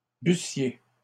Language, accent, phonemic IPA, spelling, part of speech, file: French, Canada, /by.sje/, bussiez, verb, LL-Q150 (fra)-bussiez.wav
- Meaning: second-person plural imperfect subjunctive of boire